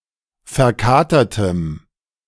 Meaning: strong dative masculine/neuter singular of verkatert
- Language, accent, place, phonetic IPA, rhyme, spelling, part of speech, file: German, Germany, Berlin, [fɛɐ̯ˈkaːtɐtəm], -aːtɐtəm, verkatertem, adjective, De-verkatertem.ogg